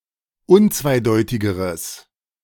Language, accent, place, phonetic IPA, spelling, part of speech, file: German, Germany, Berlin, [ˈʊnt͡svaɪ̯ˌdɔɪ̯tɪɡəʁəs], unzweideutigeres, adjective, De-unzweideutigeres.ogg
- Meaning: strong/mixed nominative/accusative neuter singular comparative degree of unzweideutig